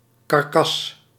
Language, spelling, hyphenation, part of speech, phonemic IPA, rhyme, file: Dutch, karkas, kar‧kas, noun, /kɑrˈkɑs/, -ɑs, Nl-karkas.ogg
- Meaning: 1. a carcass, the bodily remains of an animal (sometimes including humans) 2. a wire frame made of metal wire covered in cloth